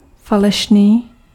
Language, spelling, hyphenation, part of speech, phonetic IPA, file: Czech, falešný, fa‧le‧š‧ný, adjective, [ˈfalɛʃniː], Cs-falešný.ogg
- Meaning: fake (counterfeit)